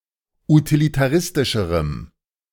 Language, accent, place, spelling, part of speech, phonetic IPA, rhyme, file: German, Germany, Berlin, utilitaristischerem, adjective, [utilitaˈʁɪstɪʃəʁəm], -ɪstɪʃəʁəm, De-utilitaristischerem.ogg
- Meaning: strong dative masculine/neuter singular comparative degree of utilitaristisch